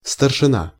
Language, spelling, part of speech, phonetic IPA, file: Russian, старшина, noun, [stərʂɨˈna], Ru-старшина.ogg
- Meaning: 1. sergeant major 2. foreman